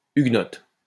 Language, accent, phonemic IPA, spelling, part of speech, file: French, France, /yɡ.nɔt/, huguenote, adjective, LL-Q150 (fra)-huguenote.wav
- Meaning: feminine singular of huguenot